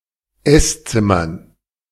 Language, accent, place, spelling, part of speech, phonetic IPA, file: German, Germany, Berlin, Esszimmern, noun, [ˈɛsˌt͡sɪmɐn], De-Esszimmern.ogg
- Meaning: dative plural of Esszimmer